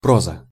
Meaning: 1. prose 2. prosaic aspect, monotony
- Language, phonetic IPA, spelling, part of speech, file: Russian, [ˈprozə], проза, noun, Ru-проза.ogg